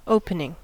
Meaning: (verb) present participle and gerund of open; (adjective) 1. Pertaining to the start or beginning of a series of events 2. Of the first period of play, usually up to the fall of the first wicket
- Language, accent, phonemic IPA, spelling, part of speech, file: English, US, /ˈoʊ.pə.nɪŋ/, opening, verb / adjective / noun, En-us-opening.ogg